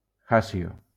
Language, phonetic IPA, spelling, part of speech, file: Spanish, [ˈasjo], hasio, noun, LL-Q1321 (spa)-hasio.wav